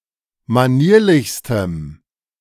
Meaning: strong dative masculine/neuter singular superlative degree of manierlich
- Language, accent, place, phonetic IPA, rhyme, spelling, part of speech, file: German, Germany, Berlin, [maˈniːɐ̯lɪçstəm], -iːɐ̯lɪçstəm, manierlichstem, adjective, De-manierlichstem.ogg